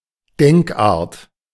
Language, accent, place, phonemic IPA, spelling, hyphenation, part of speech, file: German, Germany, Berlin, /ˈdɛŋkˌʔaːɐ̯t/, Denkart, Denk‧art, noun, De-Denkart.ogg
- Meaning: way of thinking